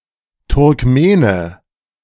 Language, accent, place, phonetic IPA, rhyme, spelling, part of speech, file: German, Germany, Berlin, [tʊʁkˈmeːnə], -eːnə, Turkmene, noun, De-Turkmene.ogg
- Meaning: Turkmen (a person from Turkmenistan or of Turkmen descent (male or unspecified gender))